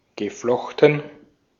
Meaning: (verb) past participle of flechten; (adjective) braided
- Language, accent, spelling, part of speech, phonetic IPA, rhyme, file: German, Austria, geflochten, verb, [ɡəˈflɔxtn̩], -ɔxtn̩, De-at-geflochten.ogg